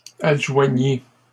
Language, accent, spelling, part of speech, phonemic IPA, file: French, Canada, adjoignis, verb, /ad.ʒwa.ɲi/, LL-Q150 (fra)-adjoignis.wav
- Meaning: first/second-person singular past historic of adjoindre